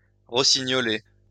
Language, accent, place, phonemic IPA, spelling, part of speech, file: French, France, Lyon, /ʁɔ.si.ɲɔ.le/, rossignoler, verb, LL-Q150 (fra)-rossignoler.wav
- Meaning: 1. (singing) to sing like a nightingale 2. to pick (a lock)